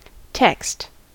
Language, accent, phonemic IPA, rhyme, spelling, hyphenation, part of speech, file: English, US, /tɛkst/, -ɛkst, text, text, noun / verb, En-us-text.ogg
- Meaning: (noun) 1. A writing consisting of multiple glyphs, characters, symbols or sentences 2. A book, tome or other set of writings 3. Anything chosen as the subject of an argument, literary composition, etc